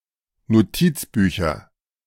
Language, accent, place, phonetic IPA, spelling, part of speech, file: German, Germany, Berlin, [noˈtiːt͡sˌbyːçɐ], Notizbücher, noun, De-Notizbücher.ogg
- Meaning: nominative/accusative/genitive plural of Notizbuch